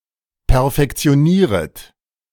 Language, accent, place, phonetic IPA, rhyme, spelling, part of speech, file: German, Germany, Berlin, [pɛɐ̯fɛkt͡si̯oˈniːʁət], -iːʁət, perfektionieret, verb, De-perfektionieret.ogg
- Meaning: second-person plural subjunctive I of perfektionieren